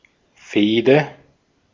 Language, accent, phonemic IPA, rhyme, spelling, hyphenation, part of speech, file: German, Austria, /ˈfeːdə/, -eːdə, Fehde, Feh‧de, noun, De-at-Fehde.ogg
- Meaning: feud